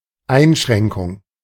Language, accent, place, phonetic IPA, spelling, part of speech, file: German, Germany, Berlin, [ˈaɪ̯nˌʃʁɛŋkʊŋ], Einschränkung, noun, De-Einschränkung.ogg
- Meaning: constraint, restraint